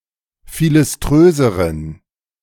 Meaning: inflection of philiströs: 1. strong genitive masculine/neuter singular comparative degree 2. weak/mixed genitive/dative all-gender singular comparative degree
- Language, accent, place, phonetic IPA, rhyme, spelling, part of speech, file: German, Germany, Berlin, [ˌfilɪsˈtʁøːzəʁən], -øːzəʁən, philiströseren, adjective, De-philiströseren.ogg